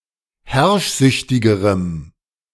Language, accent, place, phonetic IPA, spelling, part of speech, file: German, Germany, Berlin, [ˈhɛʁʃˌzʏçtɪɡəʁəm], herrschsüchtigerem, adjective, De-herrschsüchtigerem.ogg
- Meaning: strong dative masculine/neuter singular comparative degree of herrschsüchtig